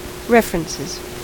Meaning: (noun) plural of reference; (verb) third-person singular simple present indicative of reference
- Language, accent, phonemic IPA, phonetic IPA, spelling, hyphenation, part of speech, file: English, US, /ˈɹɛf.(ə.)ɹən.sɪz/, [ˈɹɛf.ɹn̩.sɪz], references, ref‧er‧en‧ces, noun / verb, En-us-references.ogg